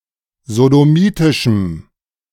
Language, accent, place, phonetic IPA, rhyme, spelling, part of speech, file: German, Germany, Berlin, [zodoˈmiːtɪʃm̩], -iːtɪʃm̩, sodomitischem, adjective, De-sodomitischem.ogg
- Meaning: strong dative masculine/neuter singular of sodomitisch